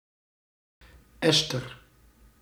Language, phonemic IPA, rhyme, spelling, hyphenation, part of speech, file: Dutch, /ˈɛs.tər/, -ɛstər, ester, es‧ter, noun, Nl-ester.ogg
- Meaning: ester